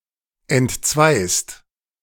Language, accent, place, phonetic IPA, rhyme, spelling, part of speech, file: German, Germany, Berlin, [ɛntˈt͡svaɪ̯st], -aɪ̯st, entzweist, verb, De-entzweist.ogg
- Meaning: second-person singular present of entzweien